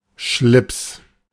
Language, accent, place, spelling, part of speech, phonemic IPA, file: German, Germany, Berlin, Schlips, noun, /ʃlɪps/, De-Schlips.ogg
- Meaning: necktie